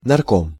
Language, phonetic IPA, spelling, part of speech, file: Russian, [nɐrˈkom], нарком, noun, Ru-нарком.ogg
- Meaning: people's commissar